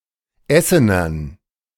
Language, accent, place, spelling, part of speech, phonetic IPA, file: German, Germany, Berlin, Essenern, noun, [ˈɛsənɐn], De-Essenern.ogg
- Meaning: dative plural of Essener